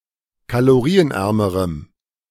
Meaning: strong dative masculine/neuter singular comparative degree of kalorienarm
- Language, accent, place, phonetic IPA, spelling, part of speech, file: German, Germany, Berlin, [kaloˈʁiːənˌʔɛʁməʁəm], kalorienärmerem, adjective, De-kalorienärmerem.ogg